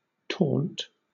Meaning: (verb) To make fun of (someone); to goad (a person) into responding, often in an aggressive manner; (noun) A scornful or mocking remark; a jeer or mockery; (adjective) Very high or tall
- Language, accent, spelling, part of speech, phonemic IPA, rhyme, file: English, Southern England, taunt, verb / noun / adjective, /tɔːnt/, -ɔːnt, LL-Q1860 (eng)-taunt.wav